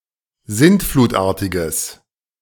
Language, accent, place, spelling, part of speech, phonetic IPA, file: German, Germany, Berlin, sintflutartiges, adjective, [ˈzɪntfluːtˌʔaːɐ̯tɪɡəs], De-sintflutartiges.ogg
- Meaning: strong/mixed nominative/accusative neuter singular of sintflutartig